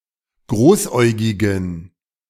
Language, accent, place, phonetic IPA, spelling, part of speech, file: German, Germany, Berlin, [ˈɡʁoːsˌʔɔɪ̯ɡɪɡn̩], großäugigen, adjective, De-großäugigen.ogg
- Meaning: inflection of großäugig: 1. strong genitive masculine/neuter singular 2. weak/mixed genitive/dative all-gender singular 3. strong/weak/mixed accusative masculine singular 4. strong dative plural